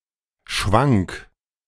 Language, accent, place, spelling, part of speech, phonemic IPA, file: German, Germany, Berlin, schwank, adjective, /ʃvaŋk/, De-schwank.ogg
- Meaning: flexible, fluctuating